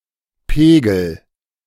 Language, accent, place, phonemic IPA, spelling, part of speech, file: German, Germany, Berlin, /ˈpeːɡl̩/, Pegel, noun, De-Pegel.ogg
- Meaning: level (measurement of how high something is filled)